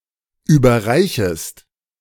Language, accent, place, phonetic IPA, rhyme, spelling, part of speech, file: German, Germany, Berlin, [ˌyːbɐˈʁaɪ̯çəst], -aɪ̯çəst, überreichest, verb, De-überreichest.ogg
- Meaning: second-person singular subjunctive I of überreichen